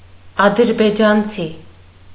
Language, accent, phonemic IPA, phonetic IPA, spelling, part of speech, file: Armenian, Eastern Armenian, /ɑdəɾbed͡ʒɑnˈt͡sʰi/, [ɑdəɾbed͡ʒɑnt͡sʰí], ադրբեջանցի, noun, Hy-ադրբեջանցի.ogg
- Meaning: Azerbaijani, Azeri